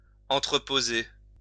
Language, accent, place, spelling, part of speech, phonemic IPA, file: French, France, Lyon, entreposer, verb, /ɑ̃.tʁə.po.ze/, LL-Q150 (fra)-entreposer.wav
- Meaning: to store goods in a warehouse